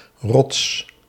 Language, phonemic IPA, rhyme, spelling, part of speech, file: Dutch, /rɔts/, -ɔts, Rots, proper noun, Nl-Rots.ogg
- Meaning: a surname